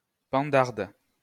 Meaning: female equivalent of pendard
- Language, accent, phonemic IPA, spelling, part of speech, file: French, France, /pɑ̃.daʁd/, pendarde, noun, LL-Q150 (fra)-pendarde.wav